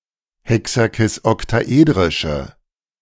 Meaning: inflection of hexakisoktaedrisch: 1. strong/mixed nominative/accusative feminine singular 2. strong nominative/accusative plural 3. weak nominative all-gender singular
- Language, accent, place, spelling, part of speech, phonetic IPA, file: German, Germany, Berlin, hexakisoktaedrische, adjective, [ˌhɛksakɪsʔɔktaˈʔeːdʁɪʃə], De-hexakisoktaedrische.ogg